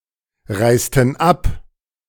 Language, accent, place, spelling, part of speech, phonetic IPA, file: German, Germany, Berlin, reisten ab, verb, [ˌʁaɪ̯stn̩ ˈap], De-reisten ab.ogg
- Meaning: inflection of abreisen: 1. first/third-person plural preterite 2. first/third-person plural subjunctive II